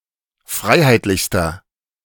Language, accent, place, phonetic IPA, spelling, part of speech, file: German, Germany, Berlin, [ˈfʁaɪ̯haɪ̯tlɪçstɐ], freiheitlichster, adjective, De-freiheitlichster.ogg
- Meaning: inflection of freiheitlich: 1. strong/mixed nominative masculine singular superlative degree 2. strong genitive/dative feminine singular superlative degree 3. strong genitive plural superlative degree